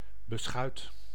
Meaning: zwieback, rusk
- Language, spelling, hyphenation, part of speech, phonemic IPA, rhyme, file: Dutch, beschuit, be‧schuit, noun, /bəˈsxœy̯t/, -œy̯t, Nl-beschuit.ogg